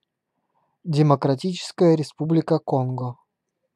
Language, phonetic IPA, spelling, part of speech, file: Russian, [dʲɪməkrɐˈtʲit͡ɕɪskəjə rʲɪˈspublʲɪkə ˈkonɡə], Демократическая Республика Конго, proper noun, Ru-Демократическая Республика Конго.ogg
- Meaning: Democratic Republic of the Congo (a country in Central Africa, the larger of the two countries named Congo)